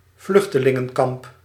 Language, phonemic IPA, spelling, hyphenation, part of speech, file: Dutch, /ˈvlʏx.tə.lɪ.ŋə(n)ˌkɑmp/, vluchtelingenkamp, vluch‧te‧lin‧gen‧kamp, noun, Nl-vluchtelingenkamp.ogg
- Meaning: refugee camp